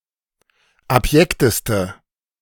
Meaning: inflection of abjekt: 1. strong/mixed nominative/accusative feminine singular superlative degree 2. strong nominative/accusative plural superlative degree
- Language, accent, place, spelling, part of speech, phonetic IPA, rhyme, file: German, Germany, Berlin, abjekteste, adjective, [apˈjɛktəstə], -ɛktəstə, De-abjekteste.ogg